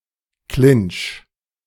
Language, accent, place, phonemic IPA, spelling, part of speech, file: German, Germany, Berlin, /klɪnt͡ʃ/, Clinch, noun, De-Clinch.ogg
- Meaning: clinch